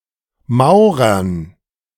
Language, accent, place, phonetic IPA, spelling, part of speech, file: German, Germany, Berlin, [ˈmaʊ̯ʁɐn], Maurern, noun, De-Maurern.ogg
- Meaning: dative plural of Maurer